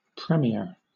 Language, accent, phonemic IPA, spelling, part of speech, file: English, Southern England, /ˈpɹɛmjɛə/, premiere, noun / verb, LL-Q1860 (eng)-premiere.wav
- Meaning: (noun) The first showing of a film, play or other form of entertainment, often held as a special event with celebrity guests